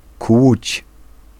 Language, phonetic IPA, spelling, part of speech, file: Polish, [kwut͡ɕ], kłuć, verb, Pl-kłuć.ogg